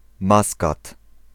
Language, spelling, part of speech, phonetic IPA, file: Polish, Maskat, proper noun, [ˈmaskat], Pl-Maskat.ogg